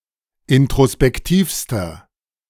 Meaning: inflection of introspektiv: 1. strong/mixed nominative masculine singular superlative degree 2. strong genitive/dative feminine singular superlative degree 3. strong genitive plural superlative degree
- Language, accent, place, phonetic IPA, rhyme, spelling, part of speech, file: German, Germany, Berlin, [ɪntʁospɛkˈtiːfstɐ], -iːfstɐ, introspektivster, adjective, De-introspektivster.ogg